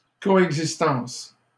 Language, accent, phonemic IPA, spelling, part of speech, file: French, Canada, /kɔ.ɛɡ.zis.tɑ̃s/, coexistence, noun, LL-Q150 (fra)-coexistence.wav
- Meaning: coexistence